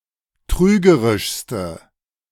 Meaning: inflection of trügerisch: 1. strong/mixed nominative/accusative feminine singular superlative degree 2. strong nominative/accusative plural superlative degree
- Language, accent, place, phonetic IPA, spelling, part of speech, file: German, Germany, Berlin, [ˈtʁyːɡəʁɪʃstə], trügerischste, adjective, De-trügerischste.ogg